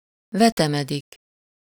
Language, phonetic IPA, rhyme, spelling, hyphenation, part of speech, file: Hungarian, [ˈvɛtɛmɛdik], -ɛdik, vetemedik, ve‧te‧me‧dik, verb, Hu-vetemedik.ogg
- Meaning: 1. to warp (to grow into a bent or twisted shape) 2. to stoop, descend (-ra/-re) (to resort to a demeaning or disreputable course of action)